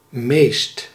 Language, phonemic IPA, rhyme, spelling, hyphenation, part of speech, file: Dutch, /meːst/, -eːst, meest, meest, determiner / adverb, Nl-meest.ogg
- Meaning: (determiner) most; superlative degree of veel; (adverb) mostly, usually